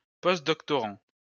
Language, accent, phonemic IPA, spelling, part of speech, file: French, France, /pɔst.dɔk.tɔ.ʁɑ̃/, postdoctorant, noun, LL-Q150 (fra)-postdoctorant.wav
- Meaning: postdoctoral student